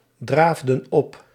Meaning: inflection of opdraven: 1. plural past indicative 2. plural past subjunctive
- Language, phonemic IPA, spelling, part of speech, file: Dutch, /ˈdravdə(n) ˈɔp/, draafden op, verb, Nl-draafden op.ogg